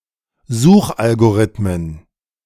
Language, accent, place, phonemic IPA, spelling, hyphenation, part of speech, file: German, Germany, Berlin, /ˈzuːxʔalɡoˌʁɪtmən/, Suchalgorithmen, Such‧al‧go‧rith‧men, noun, De-Suchalgorithmen.ogg
- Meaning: plural of Suchalgorithmus